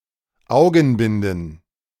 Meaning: plural of Augenbinde
- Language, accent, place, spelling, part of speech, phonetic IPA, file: German, Germany, Berlin, Augenbinden, noun, [ˈaʊ̯ɡn̩ˌbɪndn̩], De-Augenbinden.ogg